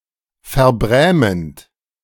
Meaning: present participle of verbrämen
- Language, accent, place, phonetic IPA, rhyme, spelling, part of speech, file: German, Germany, Berlin, [fɛɐ̯ˈbʁɛːmənt], -ɛːmənt, verbrämend, verb, De-verbrämend.ogg